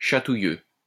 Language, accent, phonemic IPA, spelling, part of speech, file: French, France, /ʃa.tu.jø/, chatouilleux, adjective, LL-Q150 (fra)-chatouilleux.wav
- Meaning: 1. ticklish 2. touchy